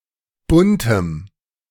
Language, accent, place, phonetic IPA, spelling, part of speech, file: German, Germany, Berlin, [ˈbʊntəm], buntem, adjective, De-buntem.ogg
- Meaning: strong dative masculine/neuter singular of bunt